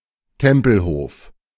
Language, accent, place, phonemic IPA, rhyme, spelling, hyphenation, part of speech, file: German, Germany, Berlin, /ˈtɛmpl̩ˌhoːf/, -oːf, Tempelhof, Tem‧pel‧hof, proper noun, De-Tempelhof.ogg
- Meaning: Tempelhof: 1. a neighborhood of Tempelhof-Schöneberg borough, Berlin, Germany 2. ellipsis of Flughafen Berlin-Tempelhof (= Berlin Tempelhof Airport): a former airport in Berlin, Germany